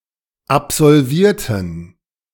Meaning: inflection of absolvieren: 1. first/third-person plural preterite 2. first/third-person plural subjunctive II
- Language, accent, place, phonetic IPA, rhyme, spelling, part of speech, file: German, Germany, Berlin, [apzɔlˈviːɐ̯tn̩], -iːɐ̯tn̩, absolvierten, adjective / verb, De-absolvierten.ogg